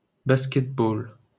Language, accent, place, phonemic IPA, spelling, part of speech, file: French, France, Paris, /bas.kɛt.bol/, basket-ball, noun, LL-Q150 (fra)-basket-ball.wav
- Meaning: basketball (the sport)